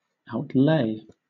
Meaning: 1. To lay or spread out; expose; display 2. To spend, or distribute money
- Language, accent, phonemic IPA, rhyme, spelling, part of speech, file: English, Southern England, /aʊtˈleɪ/, -eɪ, outlay, verb, LL-Q1860 (eng)-outlay.wav